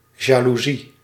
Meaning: 1. envy, jealousy 2. window blind
- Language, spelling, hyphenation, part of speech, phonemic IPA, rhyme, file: Dutch, jaloezie, ja‧loe‧zie, noun, /ˌjaː.luˈzi/, -i, Nl-jaloezie.ogg